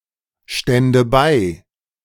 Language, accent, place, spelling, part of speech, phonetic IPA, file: German, Germany, Berlin, stände bei, verb, [ˌʃtɛndə ˈbaɪ̯], De-stände bei.ogg
- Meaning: first/third-person singular subjunctive II of beistehen